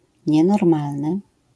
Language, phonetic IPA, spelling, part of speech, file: Polish, [ɲɛnɔrˈmalnɨ], nienormalny, adjective / noun, LL-Q809 (pol)-nienormalny.wav